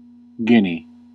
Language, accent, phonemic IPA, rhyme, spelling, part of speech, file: English, US, /ˈɡɪni/, -ɪni, Guinea, proper noun, En-us-Guinea.ogg
- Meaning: 1. The coastal region of West Africa between Morocco and the Congo, particularly the north shore of the Gulf of Guinea 2. A country in West Africa. Official name: Republic of Guinea